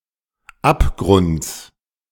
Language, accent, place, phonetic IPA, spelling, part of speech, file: German, Germany, Berlin, [ˈapˌɡʁʊnt͡s], Abgrunds, noun, De-Abgrunds.ogg
- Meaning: genitive singular of Abgrund